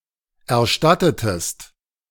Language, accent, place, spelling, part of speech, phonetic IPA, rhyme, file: German, Germany, Berlin, erstattetest, verb, [ɛɐ̯ˈʃtatətəst], -atətəst, De-erstattetest.ogg
- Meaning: inflection of erstatten: 1. second-person singular preterite 2. second-person singular subjunctive II